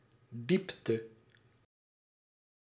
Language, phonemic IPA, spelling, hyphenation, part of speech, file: Dutch, /ˈdip.tə/, diepte, diep‧te, noun, Nl-diepte.ogg
- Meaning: 1. depth (quality of being deep) 2. depth (a deep place)